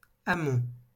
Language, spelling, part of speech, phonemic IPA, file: French, amont, noun, /a.mɔ̃/, LL-Q150 (fra)-amont.wav
- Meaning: 1. the upstream part of a river 2. the uphill part of a mountain